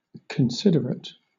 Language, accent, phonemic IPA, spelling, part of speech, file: English, Southern England, /kənˈsɪdəɹət/, considerate, adjective / verb, LL-Q1860 (eng)-considerate.wav
- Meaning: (adjective) 1. Consciously thoughtful and observant (often of other people and their rights, needs, feelings and comfort) 2. Characterised by careful and conscious thought; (verb) Synonym of consider